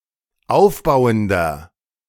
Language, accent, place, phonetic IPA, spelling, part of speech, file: German, Germany, Berlin, [ˈaʊ̯fˌbaʊ̯əndɐ], aufbauender, adjective, De-aufbauender.ogg
- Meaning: inflection of aufbauend: 1. strong/mixed nominative masculine singular 2. strong genitive/dative feminine singular 3. strong genitive plural